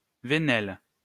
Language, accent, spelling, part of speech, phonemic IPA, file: French, France, venelle, noun, /və.nɛl/, LL-Q150 (fra)-venelle.wav
- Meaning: alley